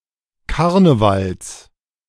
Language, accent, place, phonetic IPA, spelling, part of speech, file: German, Germany, Berlin, [ˈkaʁnəvals], Karnevals, noun, De-Karnevals.ogg
- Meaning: genitive singular of Karneval